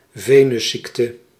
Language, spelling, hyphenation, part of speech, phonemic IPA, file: Dutch, venusziekte, ve‧nus‧ziek‧te, noun, /ˈveː.nʏsˌsik.tə/, Nl-venusziekte.ogg
- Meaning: a venereal disease, an STD